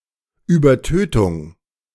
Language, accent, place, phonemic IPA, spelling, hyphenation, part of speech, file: German, Germany, Berlin, /yːbɐˈtøːtʊŋ/, Übertötung, Über‧tö‧tung, noun, De-Übertötung.ogg
- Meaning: overkill